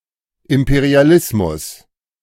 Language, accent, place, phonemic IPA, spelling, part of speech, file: German, Germany, Berlin, /ˌɪm.pe.ʁi.aˈlɪs.mʊs/, Imperialismus, noun, De-Imperialismus.ogg
- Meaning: imperialism (policy aimed at winning dominance over other nations)